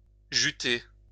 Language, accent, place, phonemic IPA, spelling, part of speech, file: French, France, Lyon, /ʒy.te/, juter, verb, LL-Q150 (fra)-juter.wav
- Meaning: 1. to juice, to give off juice 2. to cum, to spunk